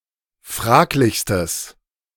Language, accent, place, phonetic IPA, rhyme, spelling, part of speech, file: German, Germany, Berlin, [ˈfʁaːklɪçstəs], -aːklɪçstəs, fraglichstes, adjective, De-fraglichstes.ogg
- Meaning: strong/mixed nominative/accusative neuter singular superlative degree of fraglich